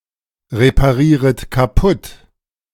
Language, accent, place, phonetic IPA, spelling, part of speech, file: German, Germany, Berlin, [ʁepaˌʁiːʁət kaˈpʊt], reparieret kaputt, verb, De-reparieret kaputt.ogg
- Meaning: second-person plural subjunctive I of kaputtreparieren